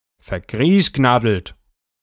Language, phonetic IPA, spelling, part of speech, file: German, [fɛɐ̯ˈɡʁiːsˌɡnadl̩t], vergriesgnaddelt, adjective, De-vergriesgnaddelt.ogg
- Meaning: warped, misaligned (of a screw thread)